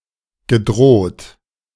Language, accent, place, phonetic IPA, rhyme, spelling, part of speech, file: German, Germany, Berlin, [ɡəˈdʁoːt], -oːt, gedroht, verb, De-gedroht.ogg
- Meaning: past participle of drohen